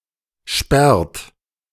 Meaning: inflection of sperren: 1. third-person singular present 2. second-person plural present 3. plural imperative
- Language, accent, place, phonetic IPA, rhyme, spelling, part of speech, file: German, Germany, Berlin, [ʃpɛʁt], -ɛʁt, sperrt, verb, De-sperrt.ogg